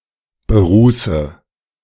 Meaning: inflection of berußen: 1. first-person singular present 2. first/third-person singular subjunctive I 3. singular imperative
- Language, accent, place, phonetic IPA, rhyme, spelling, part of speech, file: German, Germany, Berlin, [bəˈʁuːsə], -uːsə, beruße, verb, De-beruße.ogg